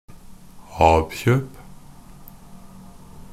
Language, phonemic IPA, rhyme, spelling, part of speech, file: Norwegian Bokmål, /ˈɑːb.çøːp/, -øːp, ab-kjøp, noun, NB - Pronunciation of Norwegian Bokmål «ab-kjøp».ogg
- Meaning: hire purchase, an installment plan